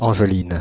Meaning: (proper noun) a female given name, equivalent to English Angelina; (noun) female equivalent of Angelin
- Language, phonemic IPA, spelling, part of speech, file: French, /ɑ̃ʒ.lin/, Angeline, proper noun / noun, Fr-Angeline.ogg